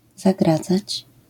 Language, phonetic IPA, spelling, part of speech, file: Polish, [zaˈɡrad͡zat͡ɕ], zagradzać, verb, LL-Q809 (pol)-zagradzać.wav